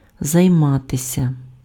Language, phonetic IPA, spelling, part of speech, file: Ukrainian, [zɐi̯ˈmatesʲɐ], займатися, verb, Uk-займатися.ogg
- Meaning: 1. to be occupied, to keep oneself occupied, to keep oneself busy, to busy oneself (with), to be engaged (in) 2. to deal with (to take action with respect to) 3. to study